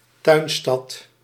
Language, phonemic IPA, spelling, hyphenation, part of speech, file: Dutch, /ˈtœy̯n.stɑt/, tuinstad, tuin‧stad, noun, Nl-tuinstad.ogg
- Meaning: a garden city, a planned city combining industry, agriculture and residential areas with greenbelts and a high proportion of internal green space